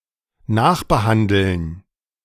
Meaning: to treat again
- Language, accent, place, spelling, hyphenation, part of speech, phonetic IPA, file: German, Germany, Berlin, nachbehandeln, nach‧be‧han‧deln, verb, [ˈnaːxbəˌhandl̩n], De-nachbehandeln.ogg